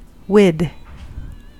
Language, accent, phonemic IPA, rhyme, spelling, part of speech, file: English, US, /wɪd/, -ɪd, wid, preposition, En-us-wid.ogg
- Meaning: Pronunciation spelling of with